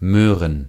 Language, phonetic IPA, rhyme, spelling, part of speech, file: German, [ˈmøːʁən], -øːʁən, Möhren, noun, De-Möhren.ogg
- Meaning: plural of Möhre